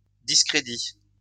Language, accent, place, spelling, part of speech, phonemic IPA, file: French, France, Lyon, discrédit, noun, /dis.kʁe.di/, LL-Q150 (fra)-discrédit.wav
- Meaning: disrepute